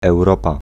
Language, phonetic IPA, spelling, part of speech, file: Polish, [ɛwˈrɔpa], Europa, proper noun, Pl-Europa.ogg